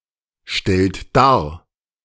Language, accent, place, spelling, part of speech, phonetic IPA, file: German, Germany, Berlin, stellt dar, verb, [ˌʃtɛlt ˈdaːɐ̯], De-stellt dar.ogg
- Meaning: inflection of darstellen: 1. third-person singular present 2. second-person plural present 3. plural imperative